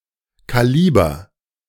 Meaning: calibre
- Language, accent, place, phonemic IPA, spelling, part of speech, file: German, Germany, Berlin, /ˌkaˈliːbɐ/, Kaliber, noun, De-Kaliber.ogg